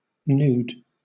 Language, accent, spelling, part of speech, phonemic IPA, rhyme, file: English, Southern England, nude, adjective / noun, /n(j)uːd/, -uːd, LL-Q1860 (eng)-nude.wav
- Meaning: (adjective) 1. Without clothing or other covering of the skin; without clothing on the genitals or female nipples 2. Of a color (such as beige or tan) that evokes bare flesh 3. Not valid; void